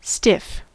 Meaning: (adjective) 1. Rigid; hard to bend; inflexible 2. Inflexible; rigid 3. Formal in behavior; unrelaxed 4. Harsh, severe
- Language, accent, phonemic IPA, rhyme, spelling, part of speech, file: English, US, /stɪf/, -ɪf, stiff, adjective / noun / verb / adverb, En-us-stiff.ogg